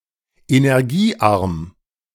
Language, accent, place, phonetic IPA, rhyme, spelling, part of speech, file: German, Germany, Berlin, [enɛʁˈɡiːˌʔaʁm], -iːʔaʁm, energiearm, adjective, De-energiearm.ogg
- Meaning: low-energy